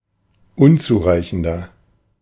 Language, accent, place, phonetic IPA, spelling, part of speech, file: German, Germany, Berlin, [ˈʊnt͡suːˌʁaɪ̯çn̩dɐ], unzureichender, adjective, De-unzureichender.ogg
- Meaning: inflection of unzureichend: 1. strong/mixed nominative masculine singular 2. strong genitive/dative feminine singular 3. strong genitive plural